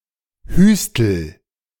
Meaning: inflection of hüsteln: 1. first-person singular present 2. singular imperative
- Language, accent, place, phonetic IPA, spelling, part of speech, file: German, Germany, Berlin, [ˈhyːstl̩], hüstel, verb, De-hüstel.ogg